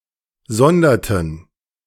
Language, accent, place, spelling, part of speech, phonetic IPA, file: German, Germany, Berlin, sonderten, verb, [ˈzɔndɐtn̩], De-sonderten.ogg
- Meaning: inflection of sondern: 1. first/third-person plural preterite 2. first/third-person plural subjunctive II